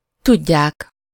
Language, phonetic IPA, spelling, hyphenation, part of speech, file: Hungarian, [ˈtuɟːaːk], tudják, tud‧ják, verb, Hu-tudják.ogg
- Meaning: 1. third-person plural indicative present definite of tud 2. third-person plural subjunctive present definite of tud